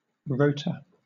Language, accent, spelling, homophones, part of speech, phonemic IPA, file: English, Southern England, rotor, rota, noun, /ˈɹəʊ.tə/, LL-Q1860 (eng)-rotor.wav
- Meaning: A rotating part of a mechanical device; for example, in an electric motor, generator, alternator, or pump